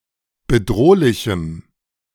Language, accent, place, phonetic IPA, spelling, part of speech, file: German, Germany, Berlin, [bəˈdʁoːlɪçm̩], bedrohlichem, adjective, De-bedrohlichem.ogg
- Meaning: strong dative masculine/neuter singular of bedrohlich